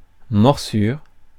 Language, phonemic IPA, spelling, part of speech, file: French, /mɔʁ.syʁ/, morsure, noun, Fr-morsure.ogg
- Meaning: 1. bite (act of biting) 2. bite (wound that is the result of being bitten)